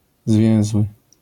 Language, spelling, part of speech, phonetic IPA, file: Polish, zwięzły, adjective, [ˈzvʲjɛ̃w̃zwɨ], LL-Q809 (pol)-zwięzły.wav